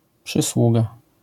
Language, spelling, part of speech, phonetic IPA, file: Polish, przysługa, noun, [pʃɨˈswuɡa], LL-Q809 (pol)-przysługa.wav